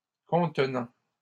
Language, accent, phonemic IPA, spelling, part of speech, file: French, Canada, /kɔ̃t.nɑ̃/, contenant, verb / adjective / noun, LL-Q150 (fra)-contenant.wav
- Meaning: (verb) present participle of contenir; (adjective) containing; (noun) container